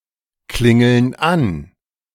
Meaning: inflection of anklingeln: 1. first/third-person plural present 2. first/third-person plural subjunctive I
- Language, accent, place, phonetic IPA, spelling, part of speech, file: German, Germany, Berlin, [ˌklɪŋl̩n ˈan], klingeln an, verb, De-klingeln an.ogg